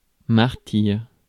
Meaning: 1. martyrdom 2. martyress; female equivalent of martyr
- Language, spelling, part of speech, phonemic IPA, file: French, martyre, noun, /maʁ.tiʁ/, Fr-martyre.ogg